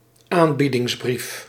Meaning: quotation (naming of a price)
- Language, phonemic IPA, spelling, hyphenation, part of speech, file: Dutch, /ˈaːn.bi.dɪŋsˌbrif/, aanbiedingsbrief, aan‧bie‧dings‧brief, noun, Nl-aanbiedingsbrief.ogg